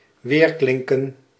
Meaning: to resound; to echo; to ring out
- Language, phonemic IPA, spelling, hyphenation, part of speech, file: Dutch, /ˌʋeːrˈklɪŋ.kə(n)/, weerklinken, weer‧klin‧ken, verb, Nl-weerklinken.ogg